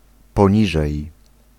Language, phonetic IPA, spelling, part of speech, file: Polish, [pɔ̃ˈɲiʒɛj], poniżej, preposition / adverb, Pl-poniżej.ogg